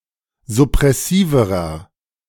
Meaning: inflection of suppressiv: 1. strong/mixed nominative masculine singular comparative degree 2. strong genitive/dative feminine singular comparative degree 3. strong genitive plural comparative degree
- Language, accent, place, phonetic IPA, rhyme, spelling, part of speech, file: German, Germany, Berlin, [zʊpʁɛˈsiːvəʁɐ], -iːvəʁɐ, suppressiverer, adjective, De-suppressiverer.ogg